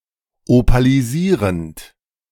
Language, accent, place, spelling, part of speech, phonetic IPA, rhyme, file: German, Germany, Berlin, opalisierend, verb, [opaliˈziːʁənt], -iːʁənt, De-opalisierend.ogg
- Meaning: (verb) present participle of opalisieren; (adjective) opalescent